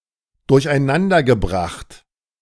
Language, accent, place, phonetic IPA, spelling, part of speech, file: German, Germany, Berlin, [dʊʁçʔaɪ̯ˈnandɐɡəˌbʁaxt], durcheinandergebracht, verb, De-durcheinandergebracht.ogg
- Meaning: past participle of durcheinanderbringen